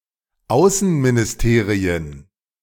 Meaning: plural of Außenministerium
- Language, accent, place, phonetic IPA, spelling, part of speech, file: German, Germany, Berlin, [ˈaʊ̯sn̩minɪsˌteːʁiən], Außenministerien, noun, De-Außenministerien.ogg